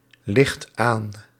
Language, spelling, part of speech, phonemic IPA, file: Dutch, ligt aan, verb, /ˈlɪxt ˈan/, Nl-ligt aan.ogg
- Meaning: inflection of aanliggen: 1. second/third-person singular present indicative 2. plural imperative